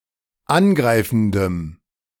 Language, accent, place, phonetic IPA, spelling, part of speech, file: German, Germany, Berlin, [ˈanˌɡʁaɪ̯fn̩dəm], angreifendem, adjective, De-angreifendem.ogg
- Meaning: strong dative masculine/neuter singular of angreifend